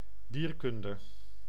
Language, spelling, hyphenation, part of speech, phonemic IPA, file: Dutch, dierkunde, dier‧kun‧de, noun, /ˈdiːrˌkʏn.də/, Nl-dierkunde.ogg
- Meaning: zoology